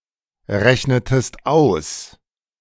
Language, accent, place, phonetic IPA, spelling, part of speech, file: German, Germany, Berlin, [ˌʁɛçnətəst ˈaʊ̯s], rechnetest aus, verb, De-rechnetest aus.ogg
- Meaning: inflection of ausrechnen: 1. second-person singular preterite 2. second-person singular subjunctive II